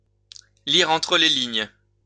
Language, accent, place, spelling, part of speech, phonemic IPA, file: French, France, Lyon, lire entre les lignes, verb, /li.ʁ‿ɑ̃.tʁə le liɲ/, LL-Q150 (fra)-lire entre les lignes.wav
- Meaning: to read between the lines